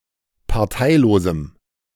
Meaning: strong dative masculine/neuter singular of parteilos
- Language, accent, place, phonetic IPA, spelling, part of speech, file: German, Germany, Berlin, [paʁˈtaɪ̯loːzm̩], parteilosem, adjective, De-parteilosem.ogg